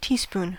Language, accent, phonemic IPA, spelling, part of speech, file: English, US, /ˈtiˌspun/, teaspoon, noun / verb, En-us-teaspoon.ogg
- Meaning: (noun) A small spoon used to stir the contents of a cup or glass